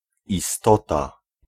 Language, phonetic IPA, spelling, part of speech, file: Polish, [iˈstɔta], istota, noun, Pl-istota.ogg